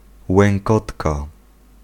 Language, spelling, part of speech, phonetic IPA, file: Polish, łękotka, noun, [wɛ̃ŋˈkɔtka], Pl-łękotka.ogg